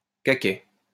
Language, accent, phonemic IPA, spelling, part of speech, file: French, France, /ka.kɛ/, caquet, noun, LL-Q150 (fra)-caquet.wav
- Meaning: cackle, clucking